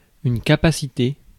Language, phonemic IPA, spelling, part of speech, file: French, /ka.pa.si.te/, capacité, noun / verb, Fr-capacité.ogg
- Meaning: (noun) 1. skill (capacity to do something well) 2. capacity (measure of the ability to hold, receive or absorb; maximum amount that can be contained); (verb) past participle of capaciter